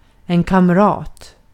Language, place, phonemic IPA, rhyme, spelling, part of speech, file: Swedish, Gotland, /kamˈrɑːt/, -ɑːt, kamrat, noun, Sv-kamrat.ogg
- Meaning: 1. friend, mate, companion 2. comrade (fellow socialist or communist) 3. comrade (title used in leftist circles)